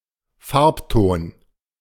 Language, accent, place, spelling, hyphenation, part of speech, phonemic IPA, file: German, Germany, Berlin, Farbton, Farb‧ton, noun, /ˈfaʁpˌtoːn/, De-Farbton.ogg
- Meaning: shade (variety of color)